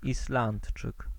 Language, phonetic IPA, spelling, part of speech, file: Polish, [isˈlãnṭt͡ʃɨk], Islandczyk, noun, Pl-Islandczyk.ogg